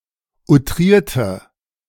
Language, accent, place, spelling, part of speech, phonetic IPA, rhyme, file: German, Germany, Berlin, outrierte, adjective / verb, [uˈtʁiːɐ̯tə], -iːɐ̯tə, De-outrierte.ogg
- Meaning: inflection of outriert: 1. strong/mixed nominative/accusative feminine singular 2. strong nominative/accusative plural 3. weak nominative all-gender singular